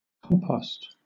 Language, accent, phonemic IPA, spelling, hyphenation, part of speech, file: English, Southern England, /ˈkɒm.pɒst/, compost, com‧post, noun / verb, LL-Q1860 (eng)-compost.wav
- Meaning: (noun) 1. The decayed remains of organic matter that has rotted into a natural fertilizer 2. A medium in which one can cultivate plants 3. A mixture; a compound